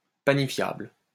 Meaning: panifiable
- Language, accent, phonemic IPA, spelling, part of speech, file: French, France, /pa.ni.fjabl/, panifiable, adjective, LL-Q150 (fra)-panifiable.wav